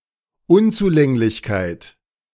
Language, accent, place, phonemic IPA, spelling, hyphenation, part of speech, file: German, Germany, Berlin, /ˈʊnt͡suˌlɛŋlɪçkaɪ̯t/, Unzulänglichkeit, Un‧zu‧läng‧lich‧keit, noun, De-Unzulänglichkeit.ogg
- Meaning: inadequacy, insufficiency